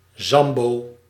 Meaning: Zambo, Afro-Indian, someone of half African and half indigenous American parentage
- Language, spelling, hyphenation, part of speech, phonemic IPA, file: Dutch, zambo, zam‧bo, noun, /ˈzɑm.boː/, Nl-zambo.ogg